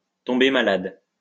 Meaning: to fall ill, to take sick
- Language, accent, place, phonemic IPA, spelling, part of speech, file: French, France, Lyon, /tɔ̃.be ma.lad/, tomber malade, verb, LL-Q150 (fra)-tomber malade.wav